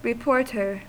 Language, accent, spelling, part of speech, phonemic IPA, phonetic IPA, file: English, US, reporter, noun, /ɹɪˈpoɹ.tɚ/, [ɹɪˈpoɹ.ɾɚ], En-us-reporter.ogg
- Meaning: 1. Someone or something that reports 2. A journalist who investigates, edits and reports news stories for newspapers, radio and television